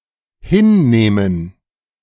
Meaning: 1. to accept (with resignation or reluctance, e.g. loss, etc) 2. to take
- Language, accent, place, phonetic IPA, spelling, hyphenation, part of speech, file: German, Germany, Berlin, [ˈhɪn.neː.mən], hinnehmen, hin‧neh‧men, verb, De-hinnehmen.ogg